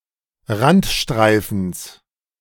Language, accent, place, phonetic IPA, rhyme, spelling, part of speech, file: German, Germany, Berlin, [ˈʁantˌʃtʁaɪ̯fn̩s], -antʃtʁaɪ̯fn̩s, Randstreifens, noun, De-Randstreifens.ogg
- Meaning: genitive singular of Randstreifen